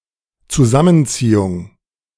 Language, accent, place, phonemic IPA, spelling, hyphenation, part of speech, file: German, Germany, Berlin, /t͡suˈzamənˌt͡siːʊŋ/, Zusammenziehung, Zu‧sam‧men‧zie‧hung, noun, De-Zusammenziehung.ogg
- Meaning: 1. contraction 2. concentration, gathering; constriction